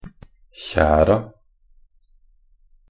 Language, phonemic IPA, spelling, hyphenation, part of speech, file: Norwegian Bokmål, /ˈçæːra/, kjera, kje‧ra, noun, Nb-kjera.ogg
- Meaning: definite plural of kjer